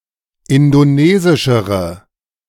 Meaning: inflection of indonesisch: 1. strong/mixed nominative/accusative feminine singular comparative degree 2. strong nominative/accusative plural comparative degree
- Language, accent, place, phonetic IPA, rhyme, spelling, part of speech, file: German, Germany, Berlin, [ˌɪndoˈneːzɪʃəʁə], -eːzɪʃəʁə, indonesischere, adjective, De-indonesischere.ogg